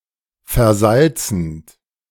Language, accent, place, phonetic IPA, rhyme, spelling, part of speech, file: German, Germany, Berlin, [fɛɐ̯ˈzalt͡sn̩t], -alt͡sn̩t, versalzend, verb, De-versalzend.ogg
- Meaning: present participle of versalzen